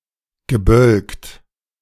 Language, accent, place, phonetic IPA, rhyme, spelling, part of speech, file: German, Germany, Berlin, [ɡəˈbœlkt], -œlkt, gebölkt, verb, De-gebölkt.ogg
- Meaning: past participle of bölken